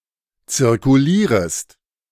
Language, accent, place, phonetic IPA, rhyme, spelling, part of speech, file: German, Germany, Berlin, [t͡sɪʁkuˈliːʁəst], -iːʁəst, zirkulierest, verb, De-zirkulierest.ogg
- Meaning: second-person singular subjunctive I of zirkulieren